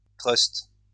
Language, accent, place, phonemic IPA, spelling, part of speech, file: French, France, Lyon, /tʁœst/, trust, noun, LL-Q150 (fra)-trust.wav
- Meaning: a trust (a group of businessmen or traders)